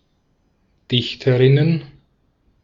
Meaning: plural of Dichterin
- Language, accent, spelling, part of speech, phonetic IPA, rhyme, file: German, Austria, Dichterinnen, noun, [ˈdɪçtəʁɪnən], -ɪçtəʁɪnən, De-at-Dichterinnen.ogg